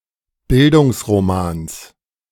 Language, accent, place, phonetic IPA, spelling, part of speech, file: German, Germany, Berlin, [ˈbɪldʊŋsʁoˌmaːns], Bildungsromans, noun, De-Bildungsromans.ogg
- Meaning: genitive singular of Bildungsroman